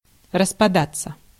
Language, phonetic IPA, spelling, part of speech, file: Russian, [rəspɐˈdat͡sːə], распадаться, verb, Ru-распадаться.ogg
- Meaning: 1. to disintegrate, to fall apart, to fall to pieces, to come apart, to come asunder 2. to break up (into) 3. to dissociate 4. to break up, to collapse